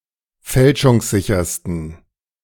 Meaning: 1. superlative degree of fälschungssicher 2. inflection of fälschungssicher: strong genitive masculine/neuter singular superlative degree
- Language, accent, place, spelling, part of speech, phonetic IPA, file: German, Germany, Berlin, fälschungssichersten, adjective, [ˈfɛlʃʊŋsˌzɪçɐstn̩], De-fälschungssichersten.ogg